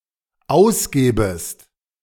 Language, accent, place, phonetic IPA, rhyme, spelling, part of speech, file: German, Germany, Berlin, [ˈaʊ̯sˌɡeːbəst], -aʊ̯sɡeːbəst, ausgebest, verb, De-ausgebest.ogg
- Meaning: second-person singular dependent subjunctive I of ausgeben